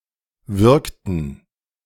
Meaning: inflection of würgen: 1. first/third-person plural preterite 2. first/third-person plural subjunctive II
- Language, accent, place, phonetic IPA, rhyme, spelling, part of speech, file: German, Germany, Berlin, [ˈvʏʁktn̩], -ʏʁktn̩, würgten, verb, De-würgten.ogg